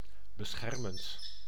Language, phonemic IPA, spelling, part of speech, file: Dutch, /bəˈsxɛrmənt/, beschermend, verb / adjective, Nl-beschermend.ogg
- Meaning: present participle of beschermen